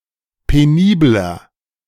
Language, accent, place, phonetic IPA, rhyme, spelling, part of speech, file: German, Germany, Berlin, [peˈniːblɐ], -iːblɐ, penibler, adjective, De-penibler.ogg
- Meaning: 1. comparative degree of penibel 2. inflection of penibel: strong/mixed nominative masculine singular 3. inflection of penibel: strong genitive/dative feminine singular